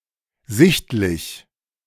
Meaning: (adjective) 1. obvious 2. visible; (adverb) 1. obviously 2. visibly
- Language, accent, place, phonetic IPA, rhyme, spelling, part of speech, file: German, Germany, Berlin, [ˈzɪçtlɪç], -ɪçtlɪç, sichtlich, adjective, De-sichtlich.ogg